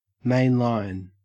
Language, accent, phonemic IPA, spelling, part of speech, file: English, Australia, /ˈmeɪnˌlaɪn/, mainline, adjective / verb / noun, En-au-main line.ogg
- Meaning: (adjective) 1. Normal, principal or standard 2. Not fundamentalist, charismatic or evangelical 3. Of or pertaining to the principal route or line of a railway